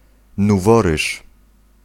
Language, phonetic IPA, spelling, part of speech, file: Polish, [nuˈvɔrɨʃ], nuworysz, noun, Pl-nuworysz.ogg